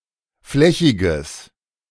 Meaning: strong/mixed nominative/accusative neuter singular of flächig
- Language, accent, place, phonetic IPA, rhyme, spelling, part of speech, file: German, Germany, Berlin, [ˈflɛçɪɡəs], -ɛçɪɡəs, flächiges, adjective, De-flächiges.ogg